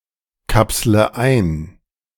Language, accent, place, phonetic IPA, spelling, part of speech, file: German, Germany, Berlin, [ˌkapslə ˈaɪ̯n], kapsle ein, verb, De-kapsle ein.ogg
- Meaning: inflection of einkapseln: 1. first-person singular present 2. first/third-person singular subjunctive I 3. singular imperative